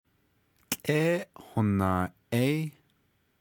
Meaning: moon
- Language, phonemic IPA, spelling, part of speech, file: Navajo, /t͡ɬʼɛ́hònɑ̀ːʔɛ́ɪ́/, tłʼéhonaaʼéí, noun, Nv-tłʼéhonaaʼéí.ogg